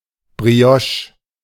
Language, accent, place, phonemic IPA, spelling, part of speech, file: German, Germany, Berlin, /bʁiˈɔʃ/, Brioche, noun, De-Brioche.ogg
- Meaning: brioche